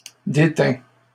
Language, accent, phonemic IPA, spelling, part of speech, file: French, Canada, /de.tɛ̃/, déteint, verb, LL-Q150 (fra)-déteint.wav
- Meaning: 1. past participle of déteindre 2. third-person singular present indicative of déteindre